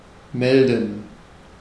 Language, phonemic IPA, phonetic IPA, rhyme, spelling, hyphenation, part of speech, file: German, /ˈmɛldən/, [ˈmɛl.dn̩], -ɛldən, melden, mel‧den, verb, De-melden.ogg
- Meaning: 1. to report, to inform (about an incident or condition) 2. to report (a person or their behavior to some official authority) 3. to announce (some situation or predicted result)